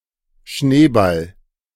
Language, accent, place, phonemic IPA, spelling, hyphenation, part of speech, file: German, Germany, Berlin, /ʃneːbal/, Schneeball, Schnee‧ball, noun, De-Schneeball.ogg
- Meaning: 1. snowball 2. viburnum (any shrub of the genus Viburnum, in particular the guelder rose, Viburnum opulus)